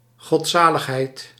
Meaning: devotion, piety
- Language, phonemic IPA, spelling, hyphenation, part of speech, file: Dutch, /ˌɣɔtˈsaː.ləx.ɦɛi̯t/, godzaligheid, god‧za‧lig‧heid, noun, Nl-godzaligheid.ogg